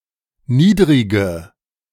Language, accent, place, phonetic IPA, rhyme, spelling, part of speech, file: German, Germany, Berlin, [ˈniːdʁɪɡə], -iːdʁɪɡə, niedrige, adjective, De-niedrige.ogg
- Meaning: inflection of niedrig: 1. strong/mixed nominative/accusative feminine singular 2. strong nominative/accusative plural 3. weak nominative all-gender singular 4. weak accusative feminine/neuter singular